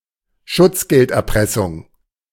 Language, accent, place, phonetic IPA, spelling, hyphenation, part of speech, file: German, Germany, Berlin, [ˈʃʊtsɡɛltʔɛʁˌpʁɛsʊŋ], Schutzgelderpressung, Schutz‧geld‧er‧pres‧sung, noun, De-Schutzgelderpressung.ogg
- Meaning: protection racket